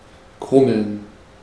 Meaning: to grumble (make a low sound, as of a discontent person, an empty stomach, a distant thunderstorm)
- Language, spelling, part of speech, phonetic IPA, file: German, grummeln, verb, [ˈɡʁʊml̩n], De-grummeln.ogg